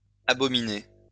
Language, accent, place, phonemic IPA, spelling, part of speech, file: French, France, Lyon, /a.bɔ.mi.ne/, abominée, verb, LL-Q150 (fra)-abominée.wav
- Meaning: feminine singular of abominé